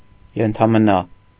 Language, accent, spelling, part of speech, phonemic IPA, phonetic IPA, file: Armenian, Eastern Armenian, ենթամնա, noun, /jentʰɑməˈnɑ/, [jentʰɑmənɑ́], Hy-ենթամնա.ogg
- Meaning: hyphen, usually the Armenian hyphen: ֊